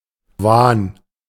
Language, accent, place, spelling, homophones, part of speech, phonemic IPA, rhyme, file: German, Germany, Berlin, Wahn, wahren, noun, /vaːn/, -aːn, De-Wahn.ogg
- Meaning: delusion, illusion, (vain) hope (very strong but ultimately misguided or fantastical beliefs or motivations): obsession, craze